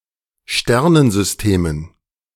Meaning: dative plural of Sternensystem
- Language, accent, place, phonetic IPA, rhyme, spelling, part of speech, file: German, Germany, Berlin, [ˈʃtɛʁnənzʏsˌteːmən], -ɛʁnənzʏsteːmən, Sternensystemen, noun, De-Sternensystemen.ogg